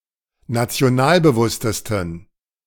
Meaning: 1. superlative degree of nationalbewusst 2. inflection of nationalbewusst: strong genitive masculine/neuter singular superlative degree
- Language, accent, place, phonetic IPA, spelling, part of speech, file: German, Germany, Berlin, [nat͡si̯oˈnaːlbəˌvʊstəstn̩], nationalbewusstesten, adjective, De-nationalbewusstesten.ogg